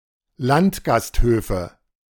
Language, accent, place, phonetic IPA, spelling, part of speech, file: German, Germany, Berlin, [ˈlantɡasthøːfə], Landgasthöfe, noun, De-Landgasthöfe.ogg
- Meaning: nominative/accusative/genitive plural of Landgasthof